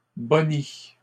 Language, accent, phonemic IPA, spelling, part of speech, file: French, Canada, /bɔ.ni/, boni, noun, LL-Q150 (fra)-boni.wav
- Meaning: profit